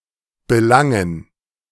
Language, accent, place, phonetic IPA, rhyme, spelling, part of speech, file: German, Germany, Berlin, [bəˈlaŋən], -aŋən, Belangen, noun, De-Belangen.ogg
- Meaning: dative plural of Belang